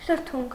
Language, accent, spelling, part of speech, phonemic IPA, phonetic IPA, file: Armenian, Eastern Armenian, շրթունք, noun, /ʃəɾˈtʰunkʰ/, [ʃəɾtʰúŋkʰ], Hy-շրթունք.ogg
- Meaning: 1. lip 2. mouth, lips 3. rim, edge